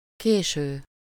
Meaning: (verb) present participle of késik; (adjective) 1. belated 2. advanced, late; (adverb) (too) late; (noun) latecomer (one who arrived late)
- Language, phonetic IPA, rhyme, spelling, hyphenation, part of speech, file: Hungarian, [ˈkeːʃøː], -ʃøː, késő, ké‧ső, verb / adjective / adverb / noun, Hu-késő.ogg